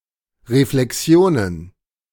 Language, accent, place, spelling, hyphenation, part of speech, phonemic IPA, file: German, Germany, Berlin, Reflexionen, Re‧fle‧xi‧o‧nen, noun, /ʁeflɛˈksɪ̯oːnən/, De-Reflexionen.ogg
- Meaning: plural of Reflexion